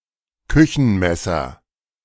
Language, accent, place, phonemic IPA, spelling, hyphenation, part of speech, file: German, Germany, Berlin, /ˈkʏçn̩ˌmɛsɐ/, Küchenmesser, Kü‧chen‧mes‧ser, noun, De-Küchenmesser.ogg
- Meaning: kitchen knife